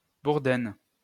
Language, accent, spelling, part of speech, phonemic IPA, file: French, France, bourdaine, noun, /buʁ.dɛn/, LL-Q150 (fra)-bourdaine.wav
- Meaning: alder buckthorn (Frangula alnus)